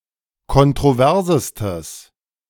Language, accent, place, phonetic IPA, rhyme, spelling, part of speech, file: German, Germany, Berlin, [kɔntʁoˈvɛʁzəstəs], -ɛʁzəstəs, kontroversestes, adjective, De-kontroversestes.ogg
- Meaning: strong/mixed nominative/accusative neuter singular superlative degree of kontrovers